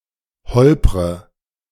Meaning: inflection of holpern: 1. first-person singular present 2. first/third-person singular subjunctive I 3. singular imperative
- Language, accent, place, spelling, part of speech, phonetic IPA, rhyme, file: German, Germany, Berlin, holpre, verb, [ˈhɔlpʁə], -ɔlpʁə, De-holpre.ogg